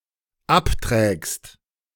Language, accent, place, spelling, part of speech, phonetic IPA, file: German, Germany, Berlin, abträgst, verb, [ˈaptʁɛːkst], De-abträgst.ogg
- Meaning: second-person singular dependent present of abtragen